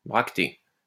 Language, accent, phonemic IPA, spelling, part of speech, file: French, France, /bʁak.te/, bractée, noun, LL-Q150 (fra)-bractée.wav
- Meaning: bract